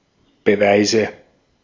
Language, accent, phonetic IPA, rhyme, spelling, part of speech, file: German, Austria, [bəˈvaɪ̯zə], -aɪ̯zə, Beweise, noun, De-at-Beweise.ogg
- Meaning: nominative/accusative/genitive plural of Beweis